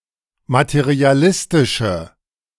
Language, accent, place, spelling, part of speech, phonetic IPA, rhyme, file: German, Germany, Berlin, materialistische, adjective, [matəʁiaˈlɪstɪʃə], -ɪstɪʃə, De-materialistische.ogg
- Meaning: inflection of materialistisch: 1. strong/mixed nominative/accusative feminine singular 2. strong nominative/accusative plural 3. weak nominative all-gender singular